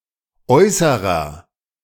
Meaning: inflection of äußere: 1. strong/mixed nominative masculine singular 2. strong genitive/dative feminine singular 3. strong genitive plural
- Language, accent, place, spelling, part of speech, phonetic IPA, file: German, Germany, Berlin, äußerer, adjective, [ˈʔɔʏsəʁɐ], De-äußerer.ogg